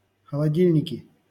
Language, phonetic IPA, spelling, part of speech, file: Russian, [xəɫɐˈdʲilʲnʲɪkʲɪ], холодильники, noun, LL-Q7737 (rus)-холодильники.wav
- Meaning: nominative/accusative plural of холоди́льник (xolodílʹnik)